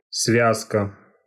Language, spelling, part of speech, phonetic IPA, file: Russian, связка, noun, [ˈsvʲaskə], Ru-связка.ogg
- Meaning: 1. binding, tying together 2. bunch, sheaf, bundle 3. rope team (group of people moving one after the other, as in the mountains, connected together by a safety line) 4. ligament